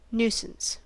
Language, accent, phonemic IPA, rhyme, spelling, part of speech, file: English, US, /ˈnuː.səns/, -uːsəns, nuisance, noun, En-us-nuisance.ogg
- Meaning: 1. A minor annoyance or inconvenience 2. A person or thing causing annoyance or inconvenience 3. Anything harmful or offensive to the community or to a member of it, for which a legal remedy exists